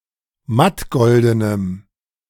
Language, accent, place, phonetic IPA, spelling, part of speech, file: German, Germany, Berlin, [ˈmatˌɡɔldənəm], mattgoldenem, adjective, De-mattgoldenem.ogg
- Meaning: strong dative masculine/neuter singular of mattgolden